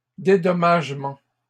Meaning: plural of dédommagement
- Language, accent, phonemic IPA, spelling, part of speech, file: French, Canada, /de.dɔ.maʒ.mɑ̃/, dédommagements, noun, LL-Q150 (fra)-dédommagements.wav